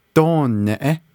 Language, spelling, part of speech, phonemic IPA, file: Navajo, dóoneʼé, noun, /tôːnɛ̀ʔɛ́/, Nv-dóoneʼé.ogg
- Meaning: 1. clan (specifically, one’s first clan, one’s mother’s clan) 2. clan (generally, any of one’s four clans, the mother’s, father’s, maternal grandfather’s, or paternal grandfather’s clans)